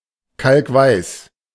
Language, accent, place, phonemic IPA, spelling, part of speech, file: German, Germany, Berlin, /ˈkalkˈvaɪ̯s/, kalkweiß, adjective, De-kalkweiß.ogg
- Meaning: 1. chalky-white 2. ashen